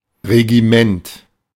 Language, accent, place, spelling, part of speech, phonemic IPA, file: German, Germany, Berlin, Regiment, noun, /reɡiˈmɛnt/, De-Regiment.ogg
- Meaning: 1. regiment (unit) 2. leadership, command, rule, regime